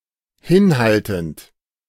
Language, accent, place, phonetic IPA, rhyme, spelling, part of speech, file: German, Germany, Berlin, [ˈhɪnˌhaltn̩t], -ɪnhaltn̩t, hinhaltend, verb, De-hinhaltend.ogg
- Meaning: present participle of hinhalten